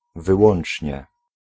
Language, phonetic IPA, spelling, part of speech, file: Polish, [vɨˈwɔ̃n͇t͡ʃʲɲɛ], wyłącznie, adverb, Pl-wyłącznie.ogg